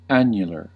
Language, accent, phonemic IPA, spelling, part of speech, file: English, US, /ˈænjəlɚ/, annular, adjective, En-us-annular.ogg
- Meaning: 1. Pertaining to, or having the form of, a ring: in the shape of an annulus 2. Banded or marked with circles